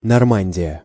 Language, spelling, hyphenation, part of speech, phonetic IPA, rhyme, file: Russian, Нормандия, Нор‧ман‧дия, proper noun, [nɐrˈmanʲdʲɪjə], -anʲdʲɪjə, Ru-Нормандия.ogg
- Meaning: Normandy (an administrative region, historical province, and medieval kingdom in northwest France, on the English Channel)